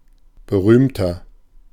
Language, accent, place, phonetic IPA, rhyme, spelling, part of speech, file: German, Germany, Berlin, [bəˈʁyːmtɐ], -yːmtɐ, berühmter, adjective, De-berühmter.ogg
- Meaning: 1. comparative degree of berühmt 2. inflection of berühmt: strong/mixed nominative masculine singular 3. inflection of berühmt: strong genitive/dative feminine singular